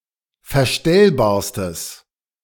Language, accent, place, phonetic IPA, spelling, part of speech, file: German, Germany, Berlin, [fɛɐ̯ˈʃtɛlbaːɐ̯stəs], verstellbarstes, adjective, De-verstellbarstes.ogg
- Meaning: strong/mixed nominative/accusative neuter singular superlative degree of verstellbar